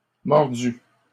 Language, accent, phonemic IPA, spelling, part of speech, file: French, Canada, /mɔʁ.dy/, mordu, verb / noun, LL-Q150 (fra)-mordu.wav
- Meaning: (verb) past participle of mordre; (noun) enthusiast, buff